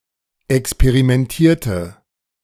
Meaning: inflection of experimentieren: 1. first/third-person singular preterite 2. first/third-person singular subjunctive II
- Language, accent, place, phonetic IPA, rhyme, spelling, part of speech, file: German, Germany, Berlin, [ɛkspeʁimɛnˈtiːɐ̯tə], -iːɐ̯tə, experimentierte, verb, De-experimentierte.ogg